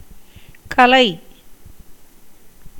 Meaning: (noun) 1. art, skill 2. learning, erudition 3. treatise, book 4. brightness, splendor 5. language; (verb) 1. to become or be strewn or messy 2. to disperse 3. to be disordered 4. to strew
- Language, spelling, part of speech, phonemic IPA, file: Tamil, கலை, noun / verb, /kɐlɐɪ̯/, Ta-கலை.ogg